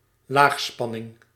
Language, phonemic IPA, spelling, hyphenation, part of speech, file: Dutch, /ˈlaːxˌspɑ.nɪŋ/, laagspanning, laag‧span‧ning, noun, Nl-laagspanning.ogg
- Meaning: low voltage